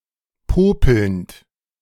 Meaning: present participle of popeln
- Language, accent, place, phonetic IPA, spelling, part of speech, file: German, Germany, Berlin, [ˈpoːpl̩nt], popelnd, verb, De-popelnd.ogg